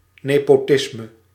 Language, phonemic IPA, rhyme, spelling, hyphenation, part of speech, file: Dutch, /ˌneː.poːˈtɪs.mə/, -ɪsmə, nepotisme, ne‧po‧tis‧me, noun, Nl-nepotisme.ogg
- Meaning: nepotism (favoring, regardless of merit, of relatives, or by extension personal friends)